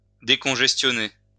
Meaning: to decongest (relieve congestion in)
- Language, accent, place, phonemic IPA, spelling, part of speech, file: French, France, Lyon, /de.kɔ̃.ʒɛs.tjɔ.ne/, décongestionner, verb, LL-Q150 (fra)-décongestionner.wav